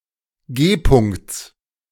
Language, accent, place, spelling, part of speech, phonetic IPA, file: German, Germany, Berlin, G-Punkts, noun, [ˈɡeːˌpʊŋkt͡s], De-G-Punkts.ogg
- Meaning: genitive singular of G-Punkt